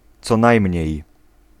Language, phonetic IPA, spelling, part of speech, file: Polish, [ˈt͡sɔ ˈnajmʲɲɛ̇j], co najmniej, prepositional phrase, Pl-co najmniej.ogg